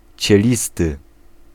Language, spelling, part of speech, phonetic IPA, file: Polish, cielisty, adjective, [t͡ɕɛˈlʲistɨ], Pl-cielisty.ogg